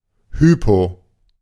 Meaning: hypo-
- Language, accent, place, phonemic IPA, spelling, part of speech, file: German, Germany, Berlin, /ˈhypo/, hypo-, prefix, De-hypo-.ogg